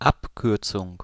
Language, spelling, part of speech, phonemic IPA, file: German, Abkürzung, noun, /ˈapˌkʏʁtsʊŋ/, De-Abkürzung.ogg
- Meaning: 1. abbreviation 2. shortcut